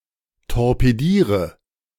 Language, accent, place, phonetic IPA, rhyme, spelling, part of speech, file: German, Germany, Berlin, [tɔʁpeˈdiːʁə], -iːʁə, torpediere, verb, De-torpediere.ogg
- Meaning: inflection of torpedieren: 1. first-person singular present 2. singular imperative 3. first/third-person singular subjunctive I